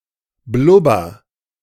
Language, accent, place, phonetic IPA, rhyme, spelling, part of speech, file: German, Germany, Berlin, [ˈblʊbɐ], -ʊbɐ, blubber, verb, De-blubber.ogg
- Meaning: inflection of blubbern: 1. first-person singular present 2. singular imperative